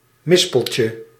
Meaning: diminutive of mispel
- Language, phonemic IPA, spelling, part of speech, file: Dutch, /ˈmɪspəlcə/, mispeltje, noun, Nl-mispeltje.ogg